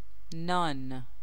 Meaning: 1. bread, including the kind called naan in English and any other kind of bread 2. any food
- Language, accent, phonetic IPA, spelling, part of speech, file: Persian, Iran, [nɒːn], نان, noun, Fa-نان.ogg